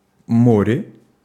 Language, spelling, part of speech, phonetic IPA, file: Russian, море, noun, [ˈmorʲe], Ru-море.ogg
- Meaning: 1. sea 2. mare (darker area on the Moon's surface) 3. a sea of, a large amount of, a large number of 4. prepositional singular of мор (mor)